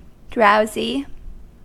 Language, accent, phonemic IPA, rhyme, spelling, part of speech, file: English, US, /ˈdɹaʊzi/, -aʊzi, drowsy, adjective, En-us-drowsy.ogg
- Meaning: 1. Inclined to drowse; heavy with sleepiness 2. Causing someone to fall sleep or feel sleepy; lulling; soporific 3. Boring 4. Dull; stupid